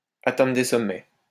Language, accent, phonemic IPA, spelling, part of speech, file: French, France, /a.tɛ̃.dʁə de sɔ.mɛ/, atteindre des sommets, verb, LL-Q150 (fra)-atteindre des sommets.wav
- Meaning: to go through the roof, to go through the ceiling, to reach new heights, to reach an all-time high